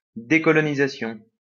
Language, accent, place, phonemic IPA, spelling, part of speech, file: French, France, Lyon, /de.kɔ.lɔ.ni.za.sjɔ̃/, décolonisation, noun, LL-Q150 (fra)-décolonisation.wav
- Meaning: decolonization